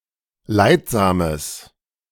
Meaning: strong/mixed nominative/accusative neuter singular of leidsam
- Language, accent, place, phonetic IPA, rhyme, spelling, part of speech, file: German, Germany, Berlin, [ˈlaɪ̯tˌzaːməs], -aɪ̯tzaːməs, leidsames, adjective, De-leidsames.ogg